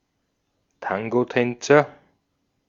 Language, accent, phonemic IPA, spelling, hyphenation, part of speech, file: German, Austria, /ˈtaŋɡoˌtɛnt͡sɐ/, Tangotänzer, Tan‧go‧tän‧zer, noun, De-at-Tangotänzer.ogg
- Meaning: tango dancer